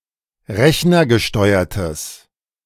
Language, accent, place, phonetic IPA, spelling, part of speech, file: German, Germany, Berlin, [ˈʁɛçnɐɡəˌʃtɔɪ̯ɐtəs], rechnergesteuertes, adjective, De-rechnergesteuertes.ogg
- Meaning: strong/mixed nominative/accusative neuter singular of rechnergesteuert